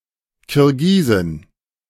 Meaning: Kyrgyz (woman from Kyrgyzstan)
- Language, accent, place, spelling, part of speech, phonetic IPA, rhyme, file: German, Germany, Berlin, Kirgisin, noun, [kɪʁˈɡiːzɪn], -iːzɪn, De-Kirgisin.ogg